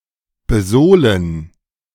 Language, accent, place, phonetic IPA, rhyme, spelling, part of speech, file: German, Germany, Berlin, [bəˈzoːlən], -oːlən, besohlen, verb, De-besohlen.ogg
- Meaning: to sole